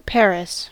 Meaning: 1. The capital and largest city of France 2. A department of Île-de-France, France 3. The government of France 4. A locale named after the French city.: A hamlet in Jutland, Denmark
- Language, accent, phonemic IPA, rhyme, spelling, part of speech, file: English, US, /ˈpæɹɪs/, -æɹɪs, Paris, proper noun, En-us-Paris.ogg